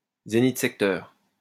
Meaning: zenith sector, zenith telescope
- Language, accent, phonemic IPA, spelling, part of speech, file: French, France, /ze.nit.sɛk.tœʁ/, zénith-secteur, noun, LL-Q150 (fra)-zénith-secteur.wav